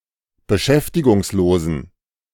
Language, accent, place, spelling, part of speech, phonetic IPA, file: German, Germany, Berlin, beschäftigungslosen, adjective, [bəˈʃɛftɪɡʊŋsˌloːzn̩], De-beschäftigungslosen.ogg
- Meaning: inflection of beschäftigungslos: 1. strong genitive masculine/neuter singular 2. weak/mixed genitive/dative all-gender singular 3. strong/weak/mixed accusative masculine singular